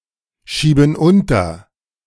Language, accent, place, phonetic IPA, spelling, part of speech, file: German, Germany, Berlin, [ˌʃiːbn̩ ˈʊntɐ], schieben unter, verb, De-schieben unter.ogg
- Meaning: inflection of unterschieben: 1. first/third-person plural present 2. first/third-person plural subjunctive I